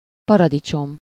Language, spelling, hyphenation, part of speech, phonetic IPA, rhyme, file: Hungarian, paradicsom, pa‧ra‧di‧csom, noun, [ˈpɒrɒdit͡ʃom], -om, Hu-paradicsom.ogg
- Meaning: tomato (a widely cultivated plant, Solanum lycopersicum, having edible fruit)